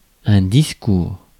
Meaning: 1. speech 2. speech, address, talk, oral presentation
- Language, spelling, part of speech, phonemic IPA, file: French, discours, noun, /dis.kuʁ/, Fr-discours.ogg